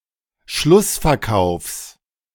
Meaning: genitive singular of Schlussverkauf
- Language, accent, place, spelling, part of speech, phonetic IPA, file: German, Germany, Berlin, Schlussverkaufs, noun, [ˈʃlʊsfɛɐ̯ˌkaʊ̯fs], De-Schlussverkaufs.ogg